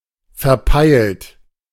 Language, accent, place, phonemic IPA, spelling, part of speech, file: German, Germany, Berlin, /fɛɐ̯ˈpaɪ̯lt/, verpeilt, verb / adjective, De-verpeilt.ogg
- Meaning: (verb) past participle of verpeilen; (adjective) maladjusted, scatterbrained, out of it